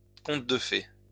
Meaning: 1. fairy tale (folktale or literary story featuring fairies or similar fantasy characters) 2. fairy tale (delightful and ideal situation of a kind attained by very few)
- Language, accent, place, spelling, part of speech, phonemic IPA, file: French, France, Lyon, conte de fées, noun, /kɔ̃t də fe/, LL-Q150 (fra)-conte de fées.wav